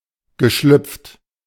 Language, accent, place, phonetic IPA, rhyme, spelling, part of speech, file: German, Germany, Berlin, [ɡəˈʃlʏp͡ft], -ʏp͡ft, geschlüpft, verb, De-geschlüpft.ogg
- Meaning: past participle of schlüpfen